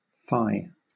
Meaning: Sometimes followed by on or upon: used to express distaste, disgust, or outrage
- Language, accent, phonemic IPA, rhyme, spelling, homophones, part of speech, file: English, Southern England, /faɪ/, -aɪ, fie, phi, interjection, LL-Q1860 (eng)-fie.wav